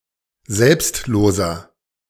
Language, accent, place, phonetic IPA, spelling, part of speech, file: German, Germany, Berlin, [ˈzɛlpstˌloːzɐ], selbstloser, adjective, De-selbstloser.ogg
- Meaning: 1. comparative degree of selbstlos 2. inflection of selbstlos: strong/mixed nominative masculine singular 3. inflection of selbstlos: strong genitive/dative feminine singular